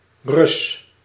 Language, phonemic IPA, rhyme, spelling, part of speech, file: Dutch, /rʏs/, -ʏs, Rus, noun, Nl-Rus.ogg
- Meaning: 1. Russian 2. detective